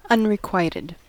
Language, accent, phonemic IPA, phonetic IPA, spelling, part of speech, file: English, US, /ˌʌn.ɹɪˈkwaɪ.tɪd/, [ˌʌn.ɹɪˈkwaɪ.ɾɪd], unrequited, adjective, En-us-unrequited.ogg
- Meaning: Not returned; not reciprocated; not repaid